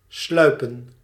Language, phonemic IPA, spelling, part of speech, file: Dutch, /ˈslœy̯pə(n)/, sluipen, verb, Nl-sluipen.ogg
- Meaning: to sneak, to move stealthily